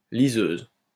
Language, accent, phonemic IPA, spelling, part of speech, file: French, France, /li.zøz/, liseuse, noun, LL-Q150 (fra)-liseuse.wav
- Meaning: 1. female equivalent of liseur 2. a nightgown, a bedjacket, a garment useful when reading in bed 3. a small paperknife used to open uncut books, also useful as a bookmark